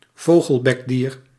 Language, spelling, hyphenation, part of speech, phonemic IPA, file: Dutch, vogelbekdier, vo‧gel‧bek‧dier, noun, /ˈvoːɣəlˌbɛkˌdiːr/, Nl-vogelbekdier.ogg
- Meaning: 1. platypus 2. ornithorhynchid, any member of the family Ornithorhynchidae of platypuses and close relatives